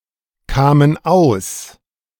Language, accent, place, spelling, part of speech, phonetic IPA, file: German, Germany, Berlin, kamen aus, verb, [ˌkaːmən ˈaʊ̯s], De-kamen aus.ogg
- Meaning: first/third-person plural preterite of auskommen